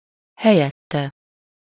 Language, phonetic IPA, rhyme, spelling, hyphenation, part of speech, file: Hungarian, [ˈhɛjɛtːɛ], -tɛ, helyette, he‧lyet‧te, pronoun, Hu-helyette.ogg
- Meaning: 1. instead of him/her/it 2. instead